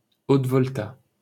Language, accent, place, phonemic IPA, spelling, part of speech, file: French, France, Paris, /ot.vɔl.ta/, Haute-Volta, proper noun, LL-Q150 (fra)-Haute-Volta.wav
- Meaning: Upper Volta (former name of Burkina Faso: a country in West Africa, used from 1958 to 1984)